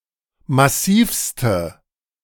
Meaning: inflection of massiv: 1. strong/mixed nominative/accusative feminine singular superlative degree 2. strong nominative/accusative plural superlative degree
- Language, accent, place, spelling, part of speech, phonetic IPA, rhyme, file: German, Germany, Berlin, massivste, adjective, [maˈsiːfstə], -iːfstə, De-massivste.ogg